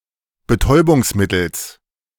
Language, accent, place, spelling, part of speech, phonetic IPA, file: German, Germany, Berlin, Betäubungsmittels, noun, [bəˈtɔɪ̯bʊŋsˌmɪtl̩s], De-Betäubungsmittels.ogg
- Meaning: genitive of Betäubungsmittel